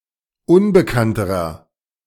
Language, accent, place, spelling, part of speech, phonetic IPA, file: German, Germany, Berlin, unbekannterer, adjective, [ˈʊnbəkantəʁɐ], De-unbekannterer.ogg
- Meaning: inflection of unbekannt: 1. strong/mixed nominative masculine singular comparative degree 2. strong genitive/dative feminine singular comparative degree 3. strong genitive plural comparative degree